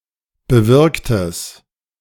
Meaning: strong/mixed nominative/accusative neuter singular of bewirkt
- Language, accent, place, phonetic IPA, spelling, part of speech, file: German, Germany, Berlin, [bəˈvɪʁktəs], bewirktes, adjective, De-bewirktes.ogg